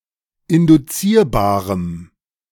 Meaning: strong dative masculine/neuter singular of induzierbar
- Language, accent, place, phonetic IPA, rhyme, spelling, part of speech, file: German, Germany, Berlin, [ɪndʊˈt͡siːɐ̯baːʁəm], -iːɐ̯baːʁəm, induzierbarem, adjective, De-induzierbarem.ogg